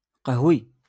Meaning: brown
- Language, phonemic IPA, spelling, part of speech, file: Moroccan Arabic, /qahwi/, قهوي, adjective, LL-Q56426 (ary)-قهوي.wav